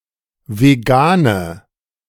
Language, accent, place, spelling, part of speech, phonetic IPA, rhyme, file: German, Germany, Berlin, vegane, adjective, [veˈɡaːnə], -aːnə, De-vegane.ogg
- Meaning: inflection of vegan: 1. strong/mixed nominative/accusative feminine singular 2. strong nominative/accusative plural 3. weak nominative all-gender singular 4. weak accusative feminine/neuter singular